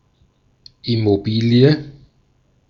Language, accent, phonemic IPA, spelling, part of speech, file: German, Austria, /ɪmoˈbiːli̯ə/, Immobilie, noun, De-at-Immobilie.ogg
- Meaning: real estate, property which cannot be moved